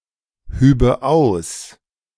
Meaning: first/third-person singular subjunctive II of ausheben
- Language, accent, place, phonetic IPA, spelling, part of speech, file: German, Germany, Berlin, [ˌhyːbə ˈaʊ̯s], hübe aus, verb, De-hübe aus.ogg